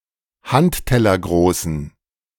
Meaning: inflection of handtellergroß: 1. strong genitive masculine/neuter singular 2. weak/mixed genitive/dative all-gender singular 3. strong/weak/mixed accusative masculine singular 4. strong dative plural
- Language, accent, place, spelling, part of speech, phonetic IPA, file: German, Germany, Berlin, handtellergroßen, adjective, [ˈhanttɛlɐˌɡʁoːsn̩], De-handtellergroßen.ogg